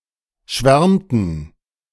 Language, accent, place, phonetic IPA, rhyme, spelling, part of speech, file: German, Germany, Berlin, [ˈʃvɛʁmtn̩], -ɛʁmtn̩, schwärmten, verb, De-schwärmten.ogg
- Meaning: inflection of schwärmen: 1. first/third-person plural preterite 2. first/third-person plural subjunctive II